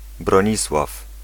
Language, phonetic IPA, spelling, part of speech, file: Polish, [brɔ̃ˈɲiswaf], Bronisław, proper noun / noun, Pl-Bronisław.ogg